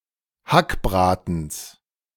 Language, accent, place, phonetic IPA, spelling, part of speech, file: German, Germany, Berlin, [ˈhakˌbʁaːtn̩s], Hackbratens, noun, De-Hackbratens.ogg
- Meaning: genitive singular of Hackbraten